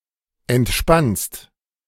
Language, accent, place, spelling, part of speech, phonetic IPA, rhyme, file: German, Germany, Berlin, entspannst, verb, [ɛntˈʃpanst], -anst, De-entspannst.ogg
- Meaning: second-person singular present of entspannen